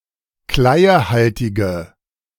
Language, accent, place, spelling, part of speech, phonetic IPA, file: German, Germany, Berlin, kleiehaltige, adjective, [ˈklaɪ̯əˌhaltɪɡə], De-kleiehaltige.ogg
- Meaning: inflection of kleiehaltig: 1. strong/mixed nominative/accusative feminine singular 2. strong nominative/accusative plural 3. weak nominative all-gender singular